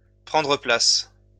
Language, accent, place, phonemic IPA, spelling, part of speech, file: French, France, Lyon, /pʁɑ̃.dʁə plas/, prendre place, verb, LL-Q150 (fra)-prendre place.wav
- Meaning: to take a seat, to have a seat, to sit down, to sit